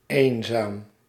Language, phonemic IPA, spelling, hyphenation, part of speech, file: Dutch, /ˈeːn.zaːm/, eenzaam, een‧zaam, adjective, Nl-eenzaam.ogg
- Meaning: lonely, lonesome